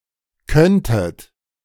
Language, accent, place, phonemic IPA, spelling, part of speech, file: German, Germany, Berlin, /ˈkœntət/, könntet, verb, De-könntet.ogg
- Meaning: second-person plural subjunctive II of können